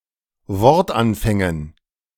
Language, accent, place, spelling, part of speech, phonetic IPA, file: German, Germany, Berlin, Wortanfängen, noun, [ˈvɔʁtˌʔanfɛŋən], De-Wortanfängen.ogg
- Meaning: dative plural of Wortanfang